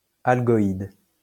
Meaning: algoid
- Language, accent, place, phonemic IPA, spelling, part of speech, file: French, France, Lyon, /al.ɡɔ.id/, algoïde, adjective, LL-Q150 (fra)-algoïde.wav